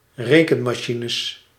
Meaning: plural of rekenmachine
- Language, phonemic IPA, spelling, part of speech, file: Dutch, /ˈrekəmaˌʃinəs/, rekenmachines, noun, Nl-rekenmachines.ogg